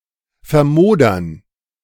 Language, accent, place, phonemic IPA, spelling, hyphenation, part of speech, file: German, Germany, Berlin, /fɛɐ̯ˈmoːdɐn/, vermodern, ver‧mo‧dern, verb, De-vermodern.ogg
- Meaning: To rot, decompose